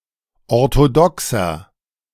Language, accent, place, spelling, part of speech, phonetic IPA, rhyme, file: German, Germany, Berlin, orthodoxer, adjective, [ɔʁtoˈdɔksɐ], -ɔksɐ, De-orthodoxer.ogg
- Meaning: 1. comparative degree of orthodox 2. inflection of orthodox: strong/mixed nominative masculine singular 3. inflection of orthodox: strong genitive/dative feminine singular